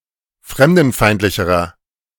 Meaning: inflection of fremdenfeindlich: 1. strong/mixed nominative masculine singular comparative degree 2. strong genitive/dative feminine singular comparative degree
- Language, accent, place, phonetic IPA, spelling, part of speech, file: German, Germany, Berlin, [ˈfʁɛmdn̩ˌfaɪ̯ntlɪçəʁɐ], fremdenfeindlicherer, adjective, De-fremdenfeindlicherer.ogg